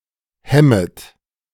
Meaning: second-person plural subjunctive I of hemmen
- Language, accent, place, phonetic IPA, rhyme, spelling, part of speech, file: German, Germany, Berlin, [ˈhɛmət], -ɛmət, hemmet, verb, De-hemmet.ogg